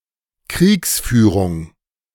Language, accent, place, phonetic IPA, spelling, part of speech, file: German, Germany, Berlin, [ˈkʁiːksˌfyːʁʊŋ], Kriegsführung, noun, De-Kriegsführung.ogg
- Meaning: alternative form of Kriegführung